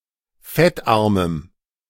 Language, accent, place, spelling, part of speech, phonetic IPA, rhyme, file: German, Germany, Berlin, fettarmem, adjective, [ˈfɛtˌʔaʁməm], -ɛtʔaʁməm, De-fettarmem.ogg
- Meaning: strong dative masculine/neuter singular of fettarm